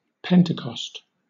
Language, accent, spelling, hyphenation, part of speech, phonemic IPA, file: English, Southern England, Pentecost, Pen‧te‧cost, proper noun, /ˈpɛntɪkɒst/, LL-Q1860 (eng)-Pentecost.wav